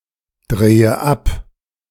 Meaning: inflection of abdrehen: 1. first-person singular present 2. first/third-person singular subjunctive I 3. singular imperative
- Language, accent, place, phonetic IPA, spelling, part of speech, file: German, Germany, Berlin, [ˌdʁeːə ˈap], drehe ab, verb, De-drehe ab.ogg